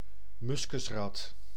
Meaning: muskrat (Ondatra zibethicus)
- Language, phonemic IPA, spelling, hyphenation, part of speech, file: Dutch, /ˈmʏs.kʏsˌrɑt/, muskusrat, mus‧kus‧rat, noun, Nl-muskusrat.ogg